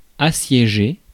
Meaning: to besiege; to lay siege to
- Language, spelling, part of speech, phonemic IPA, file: French, assiéger, verb, /a.sje.ʒe/, Fr-assiéger.ogg